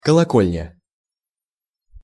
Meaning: bell tower, belfry
- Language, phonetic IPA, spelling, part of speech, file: Russian, [kəɫɐˈkolʲnʲə], колокольня, noun, Ru-колокольня.ogg